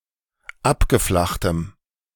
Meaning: strong dative masculine/neuter singular of abgeflacht
- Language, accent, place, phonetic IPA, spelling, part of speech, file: German, Germany, Berlin, [ˈapɡəˌflaxtəm], abgeflachtem, adjective, De-abgeflachtem.ogg